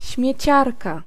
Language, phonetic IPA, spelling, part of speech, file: Polish, [ɕmʲjɛ̇ˈt͡ɕarka], śmieciarka, noun, Pl-śmieciarka.ogg